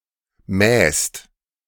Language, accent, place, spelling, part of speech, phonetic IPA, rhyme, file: German, Germany, Berlin, mähst, verb, [mɛːst], -ɛːst, De-mähst.ogg
- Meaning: second-person singular present of mähen